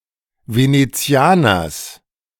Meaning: genitive singular of Venezianer
- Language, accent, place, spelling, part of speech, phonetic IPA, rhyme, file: German, Germany, Berlin, Venezianers, noun, [ˌveneˈt͡si̯aːnɐs], -aːnɐs, De-Venezianers.ogg